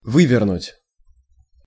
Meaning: 1. to unscrew 2. to twist, to wrench (an arm, a leg, etc.) 3. to turn inside out
- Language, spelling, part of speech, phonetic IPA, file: Russian, вывернуть, verb, [ˈvɨvʲɪrnʊtʲ], Ru-вывернуть.ogg